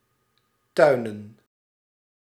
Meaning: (verb) to practice agriculture or horticulture; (noun) plural of tuin
- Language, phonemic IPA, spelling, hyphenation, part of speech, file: Dutch, /ˈtœy̯.nə(n)/, tuinen, tui‧nen, verb / noun, Nl-tuinen.ogg